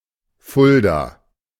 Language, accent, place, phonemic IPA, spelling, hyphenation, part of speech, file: German, Germany, Berlin, /ˈfʊlda/, Fulda, Ful‧da, proper noun, De-Fulda.ogg
- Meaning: 1. Fulda (a river in Germany) 2. Fulda (a town and rural district of Hesse, Germany)